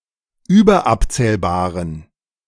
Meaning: inflection of überabzählbar: 1. strong genitive masculine/neuter singular 2. weak/mixed genitive/dative all-gender singular 3. strong/weak/mixed accusative masculine singular 4. strong dative plural
- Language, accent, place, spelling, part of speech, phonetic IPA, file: German, Germany, Berlin, überabzählbaren, adjective, [ˈyːbɐˌʔapt͡sɛːlbaːʁən], De-überabzählbaren.ogg